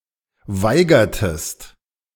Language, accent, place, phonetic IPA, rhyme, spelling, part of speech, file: German, Germany, Berlin, [ˈvaɪ̯ɡɐtəst], -aɪ̯ɡɐtəst, weigertest, verb, De-weigertest.ogg
- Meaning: inflection of weigern: 1. second-person singular preterite 2. second-person singular subjunctive II